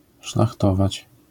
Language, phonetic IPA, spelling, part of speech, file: Polish, [ʃlaxˈtɔvat͡ɕ], szlachtować, verb, LL-Q809 (pol)-szlachtować.wav